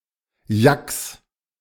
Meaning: 1. genitive singular of Yak 2. plural of Yak
- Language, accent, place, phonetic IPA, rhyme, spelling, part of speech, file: German, Germany, Berlin, [jaks], -aks, Yaks, noun, De-Yaks.ogg